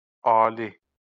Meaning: supreme, higher, high (dominant)
- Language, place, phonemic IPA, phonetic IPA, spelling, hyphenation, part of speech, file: Azerbaijani, Baku, /ɑː.li/, [ɑ̝ː.li], ali, a‧li, adjective, LL-Q9292 (aze)-ali.wav